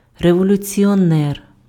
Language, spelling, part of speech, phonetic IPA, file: Ukrainian, революціонер, noun, [rewɔlʲʊt͡sʲiɔˈnɛr], Uk-революціонер.ogg
- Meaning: revolutionary, revolutionist